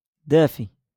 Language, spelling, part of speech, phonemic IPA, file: Moroccan Arabic, دافي, adjective, /daː.fi/, LL-Q56426 (ary)-دافي.wav
- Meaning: warm